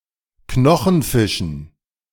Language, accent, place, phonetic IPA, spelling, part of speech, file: German, Germany, Berlin, [ˈknɔxn̩ˌfɪʃn̩], Knochenfischen, noun, De-Knochenfischen.ogg
- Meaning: dative plural of Knochenfisch